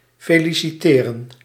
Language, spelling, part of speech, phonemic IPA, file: Dutch, feliciteren, verb, /feːlisiˈteːrə(n)/, Nl-feliciteren.ogg
- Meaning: to congratulate